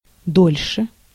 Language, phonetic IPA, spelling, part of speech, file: Russian, [ˈdolʲʂɨ], дольше, adverb, Ru-дольше.ogg
- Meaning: 1. comparative degree of до́лгий (dólgij) 2. comparative degree of до́лго (dólgo)